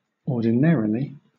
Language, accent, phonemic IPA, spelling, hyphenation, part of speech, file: English, Southern England, /ɔːdɪˈnæɹɪli/, ordinarily, or‧di‧na‧ri‧ly, adverb, LL-Q1860 (eng)-ordinarily.wav
- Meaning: 1. In accordance with normal custom or routine; as a matter of established occurrence 2. Usually or as a general rule; commonly 3. In the usual manner; unexceptionally